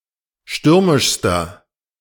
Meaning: inflection of stürmisch: 1. strong/mixed nominative masculine singular superlative degree 2. strong genitive/dative feminine singular superlative degree 3. strong genitive plural superlative degree
- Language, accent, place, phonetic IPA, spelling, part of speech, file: German, Germany, Berlin, [ˈʃtʏʁmɪʃstɐ], stürmischster, adjective, De-stürmischster.ogg